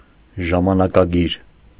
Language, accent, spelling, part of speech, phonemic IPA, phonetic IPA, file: Armenian, Eastern Armenian, ժամանակագիր, noun, /ʒɑmɑnɑkɑˈɡiɾ/, [ʒɑmɑnɑkɑɡíɾ], Hy-ժամանակագիր.ogg
- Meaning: chronicler, annalist